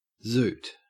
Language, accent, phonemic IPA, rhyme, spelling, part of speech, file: English, Australia, /zuːt/, -uːt, zoot, noun / verb, En-au-zoot.ogg
- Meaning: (noun) 1. A zoot suit 2. A fursuit 3. A marijuana cigarette 4. A cigarette butt 5. PCP; phencyclidine; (verb) To rush around quickly; to scoot